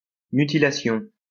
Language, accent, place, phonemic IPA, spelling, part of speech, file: French, France, Lyon, /my.ti.la.sjɔ̃/, mutilation, noun, LL-Q150 (fra)-mutilation.wav
- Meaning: mutilation